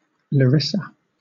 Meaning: 1. A city in north-central Greece, the capital of Thessaly 2. A regional unit of Thessaly, of which the city of Larissa is capital also
- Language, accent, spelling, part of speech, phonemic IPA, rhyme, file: English, Southern England, Larissa, proper noun, /ləˈɹɪsə/, -ɪsə, LL-Q1860 (eng)-Larissa.wav